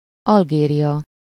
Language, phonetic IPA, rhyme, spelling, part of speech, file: Hungarian, [ˈɒlɡeːrijɒ], -jɒ, Algéria, proper noun, Hu-Algéria.ogg
- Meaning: Algeria (a country in North Africa; official name: Algériai Népi Demokratikus Köztársaság)